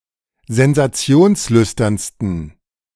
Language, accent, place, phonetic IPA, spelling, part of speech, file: German, Germany, Berlin, [zɛnzaˈt͡si̯oːnsˌlʏstɐnstn̩], sensationslüsternsten, adjective, De-sensationslüsternsten.ogg
- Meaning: 1. superlative degree of sensationslüstern 2. inflection of sensationslüstern: strong genitive masculine/neuter singular superlative degree